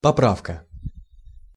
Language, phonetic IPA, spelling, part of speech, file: Russian, [pɐˈprafkə], поправка, noun, Ru-поправка.ogg
- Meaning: 1. repairing, mending 2. correction, amendment 3. recovery (a return to normal health)